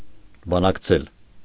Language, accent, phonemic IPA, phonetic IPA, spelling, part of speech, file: Armenian, Eastern Armenian, /bɑnɑkˈt͡sʰel/, [bɑnɑkt͡sʰél], բանակցել, verb, Hy-բանակցել.ogg
- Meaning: to negotiate